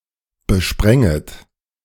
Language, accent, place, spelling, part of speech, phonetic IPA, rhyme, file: German, Germany, Berlin, besprenget, verb, [bəˈʃpʁɛŋət], -ɛŋət, De-besprenget.ogg
- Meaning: second-person plural subjunctive I of besprengen